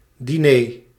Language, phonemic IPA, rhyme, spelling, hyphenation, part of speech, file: Dutch, /diˈneː/, -eː, diner, di‧ner, noun, Nl-diner.ogg
- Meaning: dinner, supper